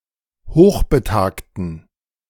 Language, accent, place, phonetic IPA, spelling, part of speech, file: German, Germany, Berlin, [ˈhoːxbəˌtaːktn̩], hochbetagten, adjective, De-hochbetagten.ogg
- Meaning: inflection of hochbetagt: 1. strong genitive masculine/neuter singular 2. weak/mixed genitive/dative all-gender singular 3. strong/weak/mixed accusative masculine singular 4. strong dative plural